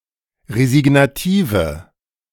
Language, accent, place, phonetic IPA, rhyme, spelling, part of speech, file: German, Germany, Berlin, [ʁezɪɡnaˈtiːvə], -iːvə, resignative, adjective, De-resignative.ogg
- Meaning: inflection of resignativ: 1. strong/mixed nominative/accusative feminine singular 2. strong nominative/accusative plural 3. weak nominative all-gender singular